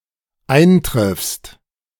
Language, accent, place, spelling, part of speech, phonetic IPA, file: German, Germany, Berlin, eintriffst, verb, [ˈaɪ̯nˌtʁɪfst], De-eintriffst.ogg
- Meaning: second-person singular dependent present of eintreffen